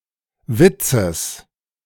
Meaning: genitive singular of Witz
- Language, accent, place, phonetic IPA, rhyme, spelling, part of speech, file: German, Germany, Berlin, [ˈvɪt͡səs], -ɪt͡səs, Witzes, noun, De-Witzes.ogg